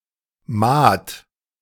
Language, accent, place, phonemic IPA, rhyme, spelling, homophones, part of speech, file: German, Germany, Berlin, /maːt/, -aːt, Mahd, Maat, noun, De-Mahd.ogg
- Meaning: 1. mowing 2. that which has been mown 3. hayfield (meadow used for mowing and gaining hay) 4. alternative form of Mahd f